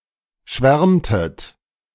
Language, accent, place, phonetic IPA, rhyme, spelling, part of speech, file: German, Germany, Berlin, [ˈʃvɛʁmtət], -ɛʁmtət, schwärmtet, verb, De-schwärmtet.ogg
- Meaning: inflection of schwärmen: 1. second-person plural preterite 2. second-person plural subjunctive II